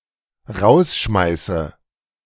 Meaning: inflection of rausschmeißen: 1. first-person singular dependent present 2. first/third-person singular dependent subjunctive I
- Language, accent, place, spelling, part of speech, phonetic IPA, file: German, Germany, Berlin, rausschmeiße, verb, [ˈʁaʊ̯sˌʃmaɪ̯sə], De-rausschmeiße.ogg